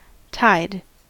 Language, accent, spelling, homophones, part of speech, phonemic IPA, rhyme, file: English, General American, tied, tide, adjective / verb, /taɪd/, -aɪd, En-us-tied.ogg
- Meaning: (adjective) 1. Closely associated or connected 2. Restricted 3. Conditional on other agreements being upheld